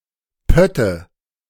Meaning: nominative/accusative/genitive plural of Pott
- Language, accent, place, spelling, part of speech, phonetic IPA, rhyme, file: German, Germany, Berlin, Pötte, noun, [ˈpœtə], -œtə, De-Pötte.ogg